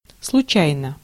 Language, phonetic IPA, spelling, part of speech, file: Russian, [sɫʊˈt͡ɕæjnə], случайно, adverb / adjective, Ru-случайно.ogg
- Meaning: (adverb) 1. accidentally, by accident 2. randomly, casually 3. by chance, unpredictably 4. by any chance; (adjective) short neuter singular of случа́йный (slučájnyj, “accidental, casual, chance”)